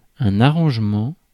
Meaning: arrangement
- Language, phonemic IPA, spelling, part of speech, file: French, /a.ʁɑ̃ʒ.mɑ̃/, arrangement, noun, Fr-arrangement.ogg